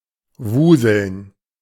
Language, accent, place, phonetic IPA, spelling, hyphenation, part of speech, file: German, Germany, Berlin, [ˈvuːzl̩n], wuseln, wu‧seln, verb, De-wuseln.ogg
- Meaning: to move hastily, to scurry